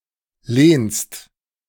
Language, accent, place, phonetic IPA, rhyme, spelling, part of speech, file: German, Germany, Berlin, [leːnst], -eːnst, lehnst, verb, De-lehnst.ogg
- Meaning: second-person singular present of lehnen